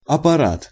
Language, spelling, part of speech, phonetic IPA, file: Russian, аппарат, noun, [ɐpɐˈrat], Ru-аппарат.ogg
- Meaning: 1. apparatus, instrument, device 2. camera 3. apparat, State organ, the machinery of state bureaucratic administration